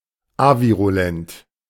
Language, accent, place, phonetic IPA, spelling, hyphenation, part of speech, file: German, Germany, Berlin, [ˈaviʁuˌlɛnt], avirulent, avi‧ru‧lent, adjective, De-avirulent.ogg
- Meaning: avirulent